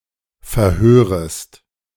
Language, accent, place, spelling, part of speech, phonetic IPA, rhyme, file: German, Germany, Berlin, verhörest, verb, [fɛɐ̯ˈhøːʁəst], -øːʁəst, De-verhörest.ogg
- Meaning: second-person singular subjunctive I of verhören